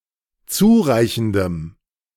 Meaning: strong dative masculine/neuter singular of zureichend
- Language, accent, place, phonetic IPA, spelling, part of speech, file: German, Germany, Berlin, [ˈt͡suːˌʁaɪ̯çn̩dəm], zureichendem, adjective, De-zureichendem.ogg